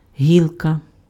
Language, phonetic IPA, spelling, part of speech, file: Ukrainian, [ˈɦʲiɫkɐ], гілка, noun, Uk-гілка.ogg
- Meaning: 1. small branch, twig (woody part of a tree arising from the trunk and usually dividing) 2. line, branch line, sideline 3. thread (in a discussion forum)